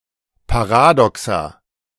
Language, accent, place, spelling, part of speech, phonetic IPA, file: German, Germany, Berlin, Paradoxa, noun, [paˈʁaːdɔksa], De-Paradoxa.ogg
- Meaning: plural of Paradoxon